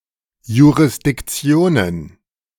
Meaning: plural of Jurisdiktion
- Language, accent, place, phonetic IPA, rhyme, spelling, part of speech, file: German, Germany, Berlin, [juʁɪsdɪkˈt͡si̯oːnən], -oːnən, Jurisdiktionen, noun, De-Jurisdiktionen.ogg